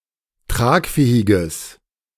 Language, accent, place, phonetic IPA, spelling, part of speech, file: German, Germany, Berlin, [ˈtʁaːkˌfɛːɪɡəs], tragfähiges, adjective, De-tragfähiges.ogg
- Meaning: strong/mixed nominative/accusative neuter singular of tragfähig